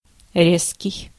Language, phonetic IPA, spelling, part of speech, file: Russian, [ˈrʲeskʲɪj], резкий, adjective, Ru-резкий.ogg
- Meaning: 1. sharp, keen 2. sharp, abrupt (offensive, critical, or acrimonious) 3. biting, piercing 4. harsh, shrill, glaring 5. acute, sharp, pungent